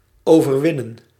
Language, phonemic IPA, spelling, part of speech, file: Dutch, /ˌoː.vərˈʋɪ.nə(n)/, overwinnen, verb, Nl-overwinnen.ogg
- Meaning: 1. defeat, crush, overcome 2. conquer, vanquish 3. surmount, get over